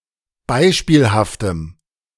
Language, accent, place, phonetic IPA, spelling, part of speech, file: German, Germany, Berlin, [ˈbaɪ̯ʃpiːlhaftəm], beispielhaftem, adjective, De-beispielhaftem.ogg
- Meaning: strong dative masculine/neuter singular of beispielhaft